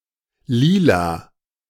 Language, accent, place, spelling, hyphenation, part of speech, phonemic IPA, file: German, Germany, Berlin, Lila, Li‧la, noun, /ˈliːla/, De-Lila.ogg
- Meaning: violet, purple (colour)